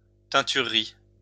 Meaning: 1. industry concerned with the dyeing of clothes and other fabrics 2. dyery (factory where fabric is dyed)
- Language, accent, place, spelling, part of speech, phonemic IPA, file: French, France, Lyon, teinturerie, noun, /tɛ̃.ty.ʁə.ʁi/, LL-Q150 (fra)-teinturerie.wav